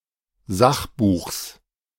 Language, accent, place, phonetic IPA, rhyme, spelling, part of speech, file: German, Germany, Berlin, [ˈzaxˌbuːxs], -axbuːxs, Sachbuchs, noun, De-Sachbuchs.ogg
- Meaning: genitive singular of Sachbuch